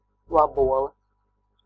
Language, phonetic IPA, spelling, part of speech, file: Latvian, [vabùolɛ], vabole, noun, Lv-vabole.ogg
- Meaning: beetle (any of many insect species (order: Coleoptera) with two hard, shell-like front wings which cover and protect a pair of rear wings)